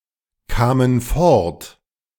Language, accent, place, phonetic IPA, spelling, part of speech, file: German, Germany, Berlin, [ˌkaːmən ˈfɔʁt], kamen fort, verb, De-kamen fort.ogg
- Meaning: first/third-person plural preterite of fortkommen